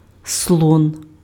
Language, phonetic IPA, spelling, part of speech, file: Ukrainian, [sɫɔn], слон, noun, Uk-слон.ogg
- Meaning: 1. elephant 2. bishop